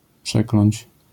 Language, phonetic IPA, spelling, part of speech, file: Polish, [ˈpʃɛklɔ̃ɲt͡ɕ], przekląć, verb, LL-Q809 (pol)-przekląć.wav